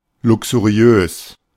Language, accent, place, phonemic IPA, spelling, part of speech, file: German, Germany, Berlin, /ˌlʊksuˈʁi̯øːs/, luxuriös, adjective, De-luxuriös.ogg
- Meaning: luxurious